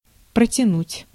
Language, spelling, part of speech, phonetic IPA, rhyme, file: Russian, протянуть, verb, [prətʲɪˈnutʲ], -utʲ, Ru-протянуть.ogg
- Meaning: 1. to stretch, to extend 2. to hold / stretch / reach out; to extend 3. to delay, to drag out 4. to drawl, to prolong, to sustain 5. to hold out, to live a while longer, to outlast (survive)